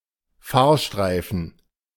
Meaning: traffic lane
- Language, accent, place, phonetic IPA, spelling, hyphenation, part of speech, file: German, Germany, Berlin, [ˈfaːɐ̯ˌʃtʁaɪ̯fn̩], Fahrstreifen, Fahr‧strei‧fen, noun, De-Fahrstreifen.ogg